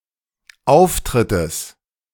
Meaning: genitive singular of Auftritt
- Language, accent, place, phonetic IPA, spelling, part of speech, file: German, Germany, Berlin, [ˈaʊ̯fˌtʁɪtəs], Auftrittes, noun, De-Auftrittes.ogg